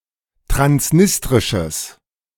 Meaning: strong/mixed nominative/accusative neuter singular of transnistrisch
- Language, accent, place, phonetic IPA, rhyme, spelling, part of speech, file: German, Germany, Berlin, [tʁansˈnɪstʁɪʃəs], -ɪstʁɪʃəs, transnistrisches, adjective, De-transnistrisches.ogg